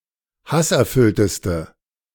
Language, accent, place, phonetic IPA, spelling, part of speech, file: German, Germany, Berlin, [ˈhasʔɛɐ̯ˌfʏltəstə], hasserfüllteste, adjective, De-hasserfüllteste.ogg
- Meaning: inflection of hasserfüllt: 1. strong/mixed nominative/accusative feminine singular superlative degree 2. strong nominative/accusative plural superlative degree